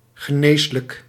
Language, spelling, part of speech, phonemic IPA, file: Dutch, geneeslijk, adjective, /ɣəˈneslək/, Nl-geneeslijk.ogg
- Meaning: curable, healable